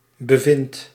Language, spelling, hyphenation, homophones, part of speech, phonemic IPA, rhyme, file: Dutch, bevindt, be‧vindt, bevind, verb, /bəˈvɪnt/, -ɪnt, Nl-bevindt.ogg
- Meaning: inflection of bevinden: 1. second/third-person singular present indicative 2. plural imperative